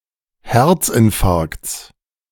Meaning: genitive of Herzinfarkt
- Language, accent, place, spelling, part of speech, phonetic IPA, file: German, Germany, Berlin, Herzinfarkts, noun, [ˈhɛʁt͡sʔɪnˌfaʁkt͡s], De-Herzinfarkts.ogg